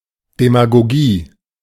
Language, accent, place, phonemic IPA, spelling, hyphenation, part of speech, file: German, Germany, Berlin, /demaɡoˈɡiː/, Demagogie, De‧ma‧go‧gie, noun, De-Demagogie.ogg
- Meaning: demagogy